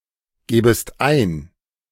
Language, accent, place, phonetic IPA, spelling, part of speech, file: German, Germany, Berlin, [ˌɡeːbəst ˈaɪ̯n], gebest ein, verb, De-gebest ein.ogg
- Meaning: second-person singular subjunctive I of eingeben